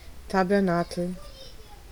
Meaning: tabernacle
- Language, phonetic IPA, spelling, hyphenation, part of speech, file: German, [tabɐˈnaːkl̩], Tabernakel, Ta‧ber‧na‧kel, noun, De-Tabernakel.ogg